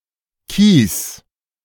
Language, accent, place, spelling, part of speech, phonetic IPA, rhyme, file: German, Germany, Berlin, kies, verb, [kiːs], -iːs, De-kies.ogg
- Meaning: singular imperative of kiesen